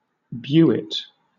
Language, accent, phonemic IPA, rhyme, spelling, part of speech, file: English, Southern England, /ˈbjuːɪt/, -uːɪt, bewit, noun, LL-Q1860 (eng)-bewit.wav
- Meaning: A small strip of leather by which bells are fastened to a hawk's legs